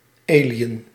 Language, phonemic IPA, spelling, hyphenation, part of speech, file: Dutch, /ˈeː.li.ən/, alien, ali‧en, noun, Nl-alien.ogg
- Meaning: an alien, an extraterrestrial